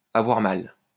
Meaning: to have a pain, to have an ache
- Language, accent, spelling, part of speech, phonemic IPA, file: French, France, avoir mal, verb, /a.vwaʁ mal/, LL-Q150 (fra)-avoir mal.wav